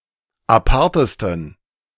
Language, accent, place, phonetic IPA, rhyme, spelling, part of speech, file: German, Germany, Berlin, [aˈpaʁtəstn̩], -aʁtəstn̩, apartesten, adjective, De-apartesten.ogg
- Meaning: 1. superlative degree of apart 2. inflection of apart: strong genitive masculine/neuter singular superlative degree